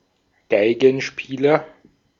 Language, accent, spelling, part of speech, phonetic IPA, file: German, Austria, Geigenspieler, noun, [ˈɡaɪ̯ɡn̩ˌʃpiːlɐ], De-at-Geigenspieler.ogg
- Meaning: violin player, violinist (male or of unspecified sex)